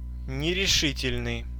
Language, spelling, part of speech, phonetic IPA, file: Russian, нерешительный, adjective, [nʲɪrʲɪˈʂɨtʲɪlʲnɨj], Ru-нерешительный.ogg
- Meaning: indecisive